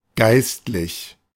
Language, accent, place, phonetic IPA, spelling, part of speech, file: German, Germany, Berlin, [ˈɡaɪstlɪç], geistlich, adjective, De-geistlich.ogg
- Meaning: spiritual (of or pertaining to God or a church)